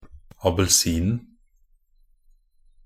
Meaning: definite singular of abelsin
- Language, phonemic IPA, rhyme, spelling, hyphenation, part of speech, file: Norwegian Bokmål, /abəlˈsiːnn̩/, -iːnn̩, abelsinen, a‧bel‧sin‧en, noun, Nb-abelsinen.ogg